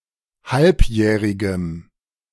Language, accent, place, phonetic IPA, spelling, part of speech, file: German, Germany, Berlin, [ˈhalpˌjɛːʁɪɡəm], halbjährigem, adjective, De-halbjährigem.ogg
- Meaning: strong dative masculine/neuter singular of halbjährig